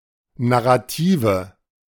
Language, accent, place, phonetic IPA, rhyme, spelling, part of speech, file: German, Germany, Berlin, [naʁaˈtiːvə], -iːvə, Narrative, noun, De-Narrative.ogg
- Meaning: nominative/accusative/genitive plural of Narrativ